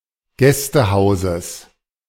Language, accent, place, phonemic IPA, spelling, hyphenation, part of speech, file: German, Germany, Berlin, /ˈɡɛstəˌhaʊ̯zəs/, Gästehauses, Gäs‧te‧hau‧ses, noun, De-Gästehauses.ogg
- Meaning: genitive singular of Gästehaus